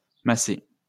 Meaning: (noun) massé; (verb) past participle of masser
- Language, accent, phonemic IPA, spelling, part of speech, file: French, France, /ma.se/, massé, noun / verb, LL-Q150 (fra)-massé.wav